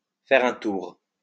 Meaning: to take a walk, to take a stroll, to go for a walk
- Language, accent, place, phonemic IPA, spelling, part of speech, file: French, France, Lyon, /fɛ.ʁ‿œ̃ tuʁ/, faire un tour, verb, LL-Q150 (fra)-faire un tour.wav